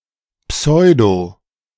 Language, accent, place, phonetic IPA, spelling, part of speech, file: German, Germany, Berlin, [ˈpsɔɪ̯do], pseudo-, prefix, De-pseudo-.ogg
- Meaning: pseudo- (not genuine)